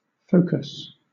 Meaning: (noun) 1. A point at which reflected or refracted rays of light converge 2. A point of a conic at which rays reflected from a curve or surface converge
- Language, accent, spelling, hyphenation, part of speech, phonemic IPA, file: English, Southern England, focus, fo‧cus, noun / verb, /ˈfəʊ̯.kəs/, LL-Q1860 (eng)-focus.wav